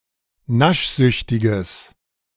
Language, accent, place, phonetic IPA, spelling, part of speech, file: German, Germany, Berlin, [ˈnaʃˌzʏçtɪɡəs], naschsüchtiges, adjective, De-naschsüchtiges.ogg
- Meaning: strong/mixed nominative/accusative neuter singular of naschsüchtig